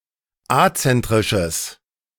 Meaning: strong/mixed nominative/accusative neuter singular of azentrisch
- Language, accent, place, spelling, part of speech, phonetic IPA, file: German, Germany, Berlin, azentrisches, adjective, [ˈat͡sɛntʁɪʃəs], De-azentrisches.ogg